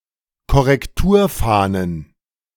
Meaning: plural of Korrekturfahne
- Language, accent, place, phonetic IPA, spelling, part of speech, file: German, Germany, Berlin, [kɔʁɛkˈtuːɐ̯ˌfaːnən], Korrekturfahnen, noun, De-Korrekturfahnen.ogg